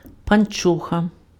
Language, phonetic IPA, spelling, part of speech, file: Ukrainian, [pɐnˈt͡ʃɔxɐ], панчоха, noun, Uk-панчоха.ogg
- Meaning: stocking